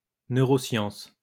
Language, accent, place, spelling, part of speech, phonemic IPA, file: French, France, Lyon, neuroscience, noun, /nø.ʁɔ.sjɑ̃s/, LL-Q150 (fra)-neuroscience.wav
- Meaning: neuroscience